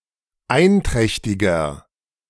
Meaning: 1. comparative degree of einträchtig 2. inflection of einträchtig: strong/mixed nominative masculine singular 3. inflection of einträchtig: strong genitive/dative feminine singular
- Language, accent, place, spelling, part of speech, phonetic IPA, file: German, Germany, Berlin, einträchtiger, adjective, [ˈaɪ̯nˌtʁɛçtɪɡɐ], De-einträchtiger.ogg